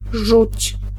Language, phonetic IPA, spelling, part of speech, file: Polish, [ʒut͡ɕ], żuć, verb, Pl-żuć.ogg